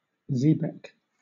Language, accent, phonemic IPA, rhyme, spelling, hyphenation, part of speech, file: English, Southern England, /ˈziːbɛk/, -iːbɛk, xebec, xe‧bec, noun, LL-Q1860 (eng)-xebec.wav
- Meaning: A small two-masted, and later three-masted, Mediterranean transport ship with an overhanging bow and stern